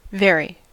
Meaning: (adverb) 1. To a great extent or degree 2. Conforming to fact, reality or rule; true 3. Used to firmly establish that nothing else surpasses in some respect; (adjective) True, real, actual
- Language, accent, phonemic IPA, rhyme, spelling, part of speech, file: English, US, /ˈvɛɹi/, -ɛɹi, very, adverb / adjective, En-us-very.ogg